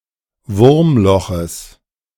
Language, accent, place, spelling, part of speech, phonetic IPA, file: German, Germany, Berlin, Wurmloches, noun, [ˈvʊʁmˌlɔxəs], De-Wurmloches.ogg
- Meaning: genitive singular of Wurmloch